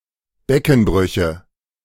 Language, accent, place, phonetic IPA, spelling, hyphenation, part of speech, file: German, Germany, Berlin, [ˈbɛkn̩ˌbʁʏçə], Beckenbrüche, Be‧cken‧brü‧che, noun, De-Beckenbrüche.ogg
- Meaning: nominative genitive accusative plural of Beckenbruch